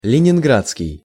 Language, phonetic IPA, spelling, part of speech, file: Russian, [lʲɪnʲɪnˈɡrat͡skʲɪj], ленинградский, adjective, Ru-ленинградский.ogg
- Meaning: 1. Leningrad 2. Leningradsky (Soviet cake)